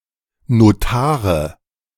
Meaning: nominative/accusative/genitive plural of Notar
- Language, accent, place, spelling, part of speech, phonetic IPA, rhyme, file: German, Germany, Berlin, Notare, noun, [noˈtaːʁə], -aːʁə, De-Notare.ogg